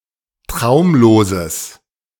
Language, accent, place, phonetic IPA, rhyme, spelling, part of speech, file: German, Germany, Berlin, [ˈtʁaʊ̯mloːzəs], -aʊ̯mloːzəs, traumloses, adjective, De-traumloses.ogg
- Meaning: strong/mixed nominative/accusative neuter singular of traumlos